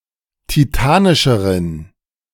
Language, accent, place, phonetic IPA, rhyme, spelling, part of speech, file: German, Germany, Berlin, [tiˈtaːnɪʃəʁən], -aːnɪʃəʁən, titanischeren, adjective, De-titanischeren.ogg
- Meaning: inflection of titanisch: 1. strong genitive masculine/neuter singular comparative degree 2. weak/mixed genitive/dative all-gender singular comparative degree